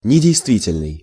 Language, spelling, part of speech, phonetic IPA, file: Russian, недействительный, adjective, [nʲɪdʲɪjstˈvʲitʲɪlʲnɨj], Ru-недействительный.ogg
- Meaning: 1. invalid, void, null 2. past its expiry/expiration term, expired 3. untrue